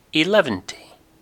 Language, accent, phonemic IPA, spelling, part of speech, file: English, UK, /ɪˈlɛvənti/, eleventy, numeral, En-gb-eleventy.ogg
- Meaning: 1. The number 110, 11 × 10 2. An indefinite large number